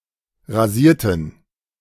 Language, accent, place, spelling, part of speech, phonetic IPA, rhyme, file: German, Germany, Berlin, rasierten, adjective / verb, [ʁaˈziːɐ̯tn̩], -iːɐ̯tn̩, De-rasierten.ogg
- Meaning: inflection of rasieren: 1. first/third-person plural preterite 2. first/third-person plural subjunctive II